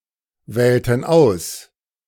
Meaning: inflection of auswählen: 1. first/third-person plural preterite 2. first/third-person plural subjunctive II
- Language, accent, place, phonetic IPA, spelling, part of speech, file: German, Germany, Berlin, [ˌvɛːltn̩ ˈaʊ̯s], wählten aus, verb, De-wählten aus.ogg